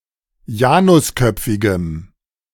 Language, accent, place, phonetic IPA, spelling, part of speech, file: German, Germany, Berlin, [ˈjaːnʊsˌkœp͡fɪɡəm], janusköpfigem, adjective, De-janusköpfigem.ogg
- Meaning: strong dative masculine/neuter singular of janusköpfig